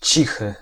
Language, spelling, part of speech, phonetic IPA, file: Polish, cichy, adjective, [ˈt͡ɕixɨ], Pl-cichy.ogg